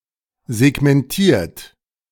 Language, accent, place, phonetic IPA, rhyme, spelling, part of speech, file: German, Germany, Berlin, [zɛɡmɛnˈtiːɐ̯t], -iːɐ̯t, segmentiert, verb, De-segmentiert.ogg
- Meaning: 1. past participle of segmentieren 2. inflection of segmentieren: third-person singular present 3. inflection of segmentieren: second-person plural present